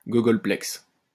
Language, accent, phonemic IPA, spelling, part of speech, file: French, France, /ɡɔ.ɡɔl.plɛks/, gogolplex, noun, LL-Q150 (fra)-gogolplex.wav
- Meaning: googolplex